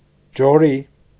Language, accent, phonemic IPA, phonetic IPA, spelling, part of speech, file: Armenian, Eastern Armenian, /d͡ʒoˈɾi/, [d͡ʒoɾí], ջորի, noun, Hy-ջորի.ogg
- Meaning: 1. mule 2. the VAZ-2101 car